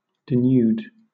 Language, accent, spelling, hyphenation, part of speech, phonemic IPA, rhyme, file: English, Southern England, denude, de‧nude, verb, /dɪˈnjuːd/, -uːd, LL-Q1860 (eng)-denude.wav
- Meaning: 1. To divest of all covering; to make bare or naked; to strip 2. To remove (something or someone) of their possessions or assets